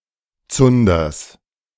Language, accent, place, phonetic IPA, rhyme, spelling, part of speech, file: German, Germany, Berlin, [ˈt͡sʊndɐs], -ʊndɐs, Zunders, noun, De-Zunders.ogg
- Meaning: genitive singular of Zunder